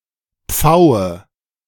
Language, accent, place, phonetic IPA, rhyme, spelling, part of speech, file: German, Germany, Berlin, [ˈp͡faʊ̯ə], -aʊ̯ə, Pfaue, noun, De-Pfaue.ogg
- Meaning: nominative/accusative/genitive plural of Pfau